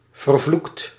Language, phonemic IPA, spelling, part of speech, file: Dutch, /vərˈvlukt/, vervloekt, verb / interjection / adjective, Nl-vervloekt.ogg
- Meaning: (verb) past participle of vervloeken; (adjective) cursed, damned; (verb) inflection of vervloeken: 1. second/third-person singular present indicative 2. plural imperative